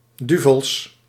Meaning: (noun) plural of duvel; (adjective) 1. devilish 2. wretched, damned 3. angry; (adverb) to a great extent, really; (interjection) an exclamation of surprise
- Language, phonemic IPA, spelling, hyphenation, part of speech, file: Dutch, /ˈdy.vəls/, duvels, du‧vels, noun / adjective / adverb / interjection, Nl-duvels.ogg